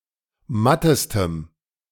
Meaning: strong dative masculine/neuter singular superlative degree of matt
- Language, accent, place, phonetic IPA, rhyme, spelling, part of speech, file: German, Germany, Berlin, [ˈmatəstəm], -atəstəm, mattestem, adjective, De-mattestem.ogg